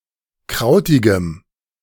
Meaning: strong dative masculine/neuter singular of krautig
- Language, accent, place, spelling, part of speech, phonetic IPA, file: German, Germany, Berlin, krautigem, adjective, [ˈkʁaʊ̯tɪɡəm], De-krautigem.ogg